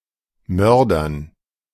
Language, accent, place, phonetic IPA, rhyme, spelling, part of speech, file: German, Germany, Berlin, [ˈmœʁdɐn], -œʁdɐn, Mördern, noun, De-Mördern.ogg
- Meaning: dative plural of Mörder